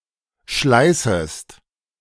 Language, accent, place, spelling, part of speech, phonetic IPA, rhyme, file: German, Germany, Berlin, schleißest, verb, [ˈʃlaɪ̯səst], -aɪ̯səst, De-schleißest.ogg
- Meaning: second-person singular subjunctive I of schleißen